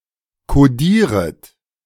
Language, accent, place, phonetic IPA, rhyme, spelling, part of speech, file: German, Germany, Berlin, [koˈdiːʁət], -iːʁət, kodieret, verb, De-kodieret.ogg
- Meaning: second-person plural subjunctive I of kodieren